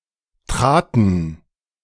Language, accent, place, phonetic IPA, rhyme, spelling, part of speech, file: German, Germany, Berlin, [tʁaːtn̩], -aːtn̩, traten, verb, De-traten.ogg
- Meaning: first/third-person plural preterite of treten